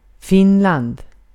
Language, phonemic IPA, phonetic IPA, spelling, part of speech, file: Swedish, /ˈfɪnˌland/, [ˈfɪnːˌl̪and], Finland, proper noun, Sv-Finland.ogg
- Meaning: 1. Finland (a country in Northern Europe; official name: Republiken Finland) 2. Finland (one of the four regions of Sweden, together with Götaland, Svealand and Norrland)